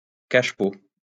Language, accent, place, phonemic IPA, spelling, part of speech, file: French, France, Lyon, /kaʃ.po/, cache-pot, noun, LL-Q150 (fra)-cache-pot.wav
- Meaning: cachepot